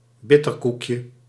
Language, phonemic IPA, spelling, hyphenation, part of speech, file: Dutch, /ˈbɪ.tərˌkuk.jə/, bitterkoekje, bit‧ter‧koek‧je, noun, Nl-bitterkoekje.ogg
- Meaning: diminutive of bitterkoek